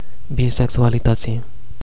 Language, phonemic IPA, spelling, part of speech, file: Romanian, /biseksualiˈtət͡si/, bisexualității, noun, Ro-bisexualității.ogg
- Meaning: definite genitive/dative singular of bisexualitate